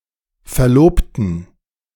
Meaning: inflection of verloben: 1. first/third-person plural preterite 2. first/third-person plural subjunctive II
- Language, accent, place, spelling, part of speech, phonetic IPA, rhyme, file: German, Germany, Berlin, verlobten, adjective / verb, [fɛɐ̯ˈloːptn̩], -oːptn̩, De-verlobten.ogg